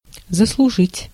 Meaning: 1. to deserve 2. to earn 3. to merit
- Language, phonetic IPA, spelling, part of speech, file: Russian, [zəsɫʊˈʐɨtʲ], заслужить, verb, Ru-заслужить.ogg